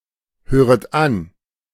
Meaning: second-person plural subjunctive I of anhören
- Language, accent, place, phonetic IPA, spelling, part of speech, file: German, Germany, Berlin, [ˌhøːʁət ˈan], höret an, verb, De-höret an.ogg